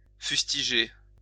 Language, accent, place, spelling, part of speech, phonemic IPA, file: French, France, Lyon, fustiger, verb, /fys.ti.ʒe/, LL-Q150 (fra)-fustiger.wav
- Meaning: to fustigate, to publicly criticize